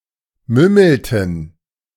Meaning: inflection of mümmeln: 1. first/third-person plural preterite 2. first/third-person plural subjunctive II
- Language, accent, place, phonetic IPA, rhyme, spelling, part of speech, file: German, Germany, Berlin, [ˈmʏml̩tn̩], -ʏml̩tn̩, mümmelten, verb, De-mümmelten.ogg